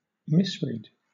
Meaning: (verb) To read wrongly; misconstrue; misinterpret; mistake the sense or significance of; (noun) An instance of reading wrongly
- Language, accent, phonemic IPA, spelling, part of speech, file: English, Southern England, /ˈmɪs.ɹiːd/, misread, verb / noun, LL-Q1860 (eng)-misread.wav